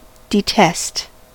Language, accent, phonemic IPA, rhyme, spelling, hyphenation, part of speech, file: English, US, /dɪˈtɛst/, -ɛst, detest, de‧test, verb, En-us-detest.ogg
- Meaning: 1. To dislike (someone or something) intensely; to loathe 2. To witness against; to denounce; to condemn